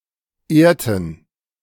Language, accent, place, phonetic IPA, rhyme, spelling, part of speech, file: German, Germany, Berlin, [ˈeːɐ̯tn̩], -eːɐ̯tn̩, ehrten, verb, De-ehrten.ogg
- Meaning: inflection of ehren: 1. first/third-person plural preterite 2. first/third-person plural subjunctive II